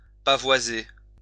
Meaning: to deck with flags
- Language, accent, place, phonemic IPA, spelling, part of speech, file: French, France, Lyon, /pa.vwa.ze/, pavoiser, verb, LL-Q150 (fra)-pavoiser.wav